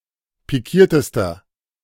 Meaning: inflection of pikiert: 1. strong/mixed nominative masculine singular superlative degree 2. strong genitive/dative feminine singular superlative degree 3. strong genitive plural superlative degree
- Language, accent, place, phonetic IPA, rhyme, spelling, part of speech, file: German, Germany, Berlin, [piˈkiːɐ̯təstɐ], -iːɐ̯təstɐ, pikiertester, adjective, De-pikiertester.ogg